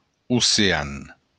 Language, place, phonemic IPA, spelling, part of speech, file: Occitan, Béarn, /u.seˈan/, ocean, noun, LL-Q14185 (oci)-ocean.wav
- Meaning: ocean